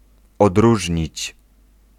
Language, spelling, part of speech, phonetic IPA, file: Polish, odróżnić, verb, [ɔdˈruʒʲɲit͡ɕ], Pl-odróżnić.ogg